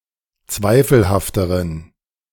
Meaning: inflection of zweifelhaft: 1. strong genitive masculine/neuter singular comparative degree 2. weak/mixed genitive/dative all-gender singular comparative degree
- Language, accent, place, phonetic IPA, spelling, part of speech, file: German, Germany, Berlin, [ˈt͡svaɪ̯fl̩haftəʁən], zweifelhafteren, adjective, De-zweifelhafteren.ogg